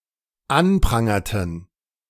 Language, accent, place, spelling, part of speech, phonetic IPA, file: German, Germany, Berlin, anprangerten, verb, [ˈanˌpʁaŋɐtn̩], De-anprangerten.ogg
- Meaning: inflection of anprangern: 1. first/third-person plural dependent preterite 2. first/third-person plural dependent subjunctive II